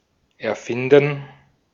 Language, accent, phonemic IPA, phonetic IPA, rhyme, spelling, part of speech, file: German, Austria, /ɛʁˈfɪndən/, [ʔɛɐ̯ˈfɪndn̩], -ɪndn̩, erfinden, verb, De-at-erfinden.ogg
- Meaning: 1. to invent 2. to fabricate (something untrue); to make up (a story) 3. to find out, to discover